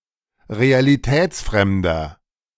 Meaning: 1. comparative degree of realitätsfremd 2. inflection of realitätsfremd: strong/mixed nominative masculine singular 3. inflection of realitätsfremd: strong genitive/dative feminine singular
- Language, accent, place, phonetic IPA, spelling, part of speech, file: German, Germany, Berlin, [ʁealiˈtɛːt͡sˌfʁɛmdɐ], realitätsfremder, adjective, De-realitätsfremder.ogg